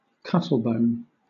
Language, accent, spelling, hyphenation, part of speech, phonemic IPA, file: English, Southern England, cuttlebone, cut‧tle‧bone, noun, /ˈkʌtl̩bəʊn/, LL-Q1860 (eng)-cuttlebone.wav